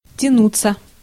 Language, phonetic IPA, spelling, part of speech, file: Russian, [tʲɪˈnut͡sːə], тянуться, verb, Ru-тянуться.ogg
- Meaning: 1. to stretch 2. to stretch out, to stretch oneself 3. to stretch, to extend 4. to drag on; to crawl, to hang heavy 5. to last out, to hold out 6. to reach (for), to reach out (for); to strive (after)